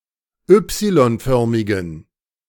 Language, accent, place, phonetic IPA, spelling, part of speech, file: German, Germany, Berlin, [ˈʏpsilɔnˌfœʁmɪɡn̩], Y-förmigen, adjective, De-Y-förmigen.ogg
- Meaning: inflection of Y-förmig: 1. strong genitive masculine/neuter singular 2. weak/mixed genitive/dative all-gender singular 3. strong/weak/mixed accusative masculine singular 4. strong dative plural